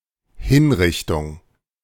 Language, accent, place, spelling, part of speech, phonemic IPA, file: German, Germany, Berlin, Hinrichtung, noun, /ˈhɪnˌʁɪçtʊŋ/, De-Hinrichtung.ogg
- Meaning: execution (act of putting to death)